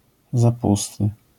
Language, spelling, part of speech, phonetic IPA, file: Polish, zapusty, noun, [zaˈpustɨ], LL-Q809 (pol)-zapusty.wav